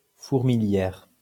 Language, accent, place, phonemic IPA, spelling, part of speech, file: French, France, Lyon, /fuʁ.mi.ljɛʁ/, fourmilière, noun, LL-Q150 (fra)-fourmilière.wav
- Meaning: 1. anthill 2. beehive (place full of activity, or in which people are very busy)